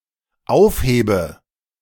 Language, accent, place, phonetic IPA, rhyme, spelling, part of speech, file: German, Germany, Berlin, [ˈaʊ̯fˌheːbə], -aʊ̯fheːbə, aufhebe, verb, De-aufhebe.ogg
- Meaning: inflection of aufheben: 1. first-person singular dependent present 2. first/third-person singular dependent subjunctive I